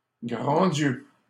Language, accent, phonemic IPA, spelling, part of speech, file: French, Canada, /ɡʁɑ̃ djø/, grands dieux, interjection, LL-Q150 (fra)-grands dieux.wav
- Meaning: good heavens! good grief! goodness me!